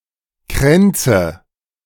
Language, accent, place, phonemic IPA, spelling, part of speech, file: German, Germany, Berlin, /ˈkʁɛntsə/, Kränze, noun, De-Kränze.ogg
- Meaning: nominative/accusative/genitive plural of Kranz